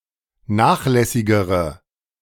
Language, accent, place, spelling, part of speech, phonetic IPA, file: German, Germany, Berlin, nachlässigere, adjective, [ˈnaːxˌlɛsɪɡəʁə], De-nachlässigere.ogg
- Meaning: inflection of nachlässig: 1. strong/mixed nominative/accusative feminine singular comparative degree 2. strong nominative/accusative plural comparative degree